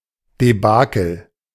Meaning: debacle
- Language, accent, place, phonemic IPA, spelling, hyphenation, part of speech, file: German, Germany, Berlin, /deˈbaːkl̩/, Debakel, De‧ba‧kel, noun, De-Debakel.ogg